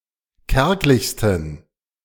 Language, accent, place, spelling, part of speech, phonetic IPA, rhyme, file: German, Germany, Berlin, kärglichsten, adjective, [ˈkɛʁklɪçstn̩], -ɛʁklɪçstn̩, De-kärglichsten.ogg
- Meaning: 1. superlative degree of kärglich 2. inflection of kärglich: strong genitive masculine/neuter singular superlative degree